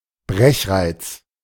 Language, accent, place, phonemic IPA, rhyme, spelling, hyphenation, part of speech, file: German, Germany, Berlin, /ˈbʁɛçˌʁaɪ̯t͡s/, -aɪ̯t͡s, Brechreiz, Brech‧reiz, noun, De-Brechreiz.ogg
- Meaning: nausea (strong urge to vomit)